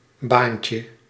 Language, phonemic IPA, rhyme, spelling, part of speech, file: Dutch, /ˈbaːn.tjə/, -aːntjə, baantje, noun, Nl-baantje.ogg
- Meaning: diminutive of baan